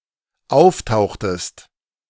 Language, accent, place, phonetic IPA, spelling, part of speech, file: German, Germany, Berlin, [ˈaʊ̯fˌtaʊ̯xtəst], auftauchtest, verb, De-auftauchtest.ogg
- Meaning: inflection of auftauchen: 1. second-person singular dependent preterite 2. second-person singular dependent subjunctive II